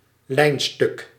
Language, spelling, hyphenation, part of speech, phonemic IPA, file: Dutch, lijnstuk, lijn‧stuk, noun, /ˈlɛi̯n.stʏk/, Nl-lijnstuk.ogg
- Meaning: line segment